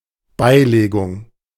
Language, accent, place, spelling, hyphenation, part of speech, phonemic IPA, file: German, Germany, Berlin, Beilegung, Bei‧le‧gung, noun, /ˈbaɪ̯leːɡʊŋ/, De-Beilegung.ogg
- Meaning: 1. settlement 2. attribution